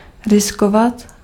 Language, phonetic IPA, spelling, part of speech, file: Czech, [ˈrɪskovat], riskovat, verb, Cs-riskovat.ogg
- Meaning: to gamble (to take a risk, with the potential of a positive outcome)